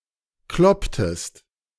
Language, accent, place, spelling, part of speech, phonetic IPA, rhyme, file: German, Germany, Berlin, klopptest, verb, [ˈklɔptəst], -ɔptəst, De-klopptest.ogg
- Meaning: inflection of kloppen: 1. second-person singular preterite 2. second-person singular subjunctive II